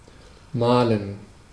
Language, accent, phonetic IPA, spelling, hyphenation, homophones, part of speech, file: German, Germany, [maːl̩n], malen, ma‧len, mahlen, verb, De-malen.ogg
- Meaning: 1. to paint (do paintwork) 2. to paint (create a painting) 3. to draw, depict (with a pencil, computer program, etc.)